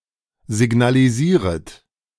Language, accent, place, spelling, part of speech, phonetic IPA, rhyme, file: German, Germany, Berlin, signalisieret, verb, [zɪɡnaliˈziːʁət], -iːʁət, De-signalisieret.ogg
- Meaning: second-person plural subjunctive I of signalisieren